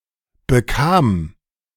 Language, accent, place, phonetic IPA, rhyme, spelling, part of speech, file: German, Germany, Berlin, [bəˈkaːm], -aːm, bekam, verb, De-bekam.ogg
- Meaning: first/third-person singular preterite of bekommen